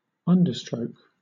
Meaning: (noun) A lower or underlining stroke in writing; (verb) To underline or underscore; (adjective) Being or relating to an upstrike typewriter
- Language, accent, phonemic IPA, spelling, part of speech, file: English, Southern England, /ˈʌndə(ɹ)stɹəʊk/, understroke, noun / verb / adjective, LL-Q1860 (eng)-understroke.wav